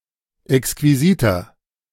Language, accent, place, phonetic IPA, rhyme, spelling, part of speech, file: German, Germany, Berlin, [ɛkskviˈziːtɐ], -iːtɐ, exquisiter, adjective, De-exquisiter.ogg
- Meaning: 1. comparative degree of exquisit 2. inflection of exquisit: strong/mixed nominative masculine singular 3. inflection of exquisit: strong genitive/dative feminine singular